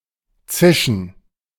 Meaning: 1. to hiss, to sizzle, to whiz 2. to move swiftly making a hissing sound
- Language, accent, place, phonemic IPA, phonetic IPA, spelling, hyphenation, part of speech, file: German, Germany, Berlin, /t͡sɪʃən/, [t͡sɪʃn̩], zischen, zi‧schen, verb, De-zischen.ogg